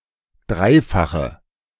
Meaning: inflection of dreifach: 1. strong/mixed nominative/accusative feminine singular 2. strong nominative/accusative plural 3. weak nominative all-gender singular
- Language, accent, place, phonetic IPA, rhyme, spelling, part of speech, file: German, Germany, Berlin, [ˈdʁaɪ̯faxə], -aɪ̯faxə, dreifache, adjective, De-dreifache.ogg